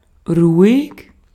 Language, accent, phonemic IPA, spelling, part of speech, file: German, Austria, /ʁʊɪ̯k/, ruhig, adjective / adverb, De-at-ruhig.ogg
- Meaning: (adjective) 1. quiet 2. calm; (adverb) 1. quietly 2. calmly 3. used to indicate that the speaker does not object to the actions of others